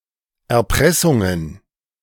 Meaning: plural of Erpressung
- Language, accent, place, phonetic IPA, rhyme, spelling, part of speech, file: German, Germany, Berlin, [ɛɐ̯ˈpʁɛsʊŋən], -ɛsʊŋən, Erpressungen, noun, De-Erpressungen.ogg